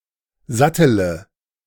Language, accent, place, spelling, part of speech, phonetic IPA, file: German, Germany, Berlin, sattele, verb, [ˈzatələ], De-sattele.ogg
- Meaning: inflection of satteln: 1. first-person singular present 2. singular imperative 3. first/third-person singular subjunctive I